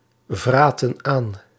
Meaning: inflection of aanvreten: 1. plural past indicative 2. plural past subjunctive
- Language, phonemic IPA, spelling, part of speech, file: Dutch, /ˈvratə(n) ˈan/, vraten aan, verb, Nl-vraten aan.ogg